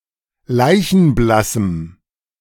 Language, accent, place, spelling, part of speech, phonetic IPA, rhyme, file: German, Germany, Berlin, leichenblassem, adjective, [ˈlaɪ̯çn̩ˈblasm̩], -asm̩, De-leichenblassem.ogg
- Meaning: strong dative masculine/neuter singular of leichenblass